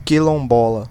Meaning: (adjective) of or relating to a quilombo; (noun) resident of a quilombo (settlement originally founded by runaway slaves in Brazil)
- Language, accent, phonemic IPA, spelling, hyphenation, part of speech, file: Portuguese, Brazil, /ki.lõˈbɔ.lɐ/, quilombola, qui‧lom‧bo‧la, adjective / noun, Pt-br-quilombola.ogg